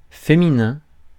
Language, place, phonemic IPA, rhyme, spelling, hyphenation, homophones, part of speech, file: French, Paris, /fe.mi.nɛ̃/, -ɛ̃, féminin, fé‧mi‧nin, féminins, noun / adjective, Fr-féminin.ogg
- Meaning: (noun) feminine; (adjective) female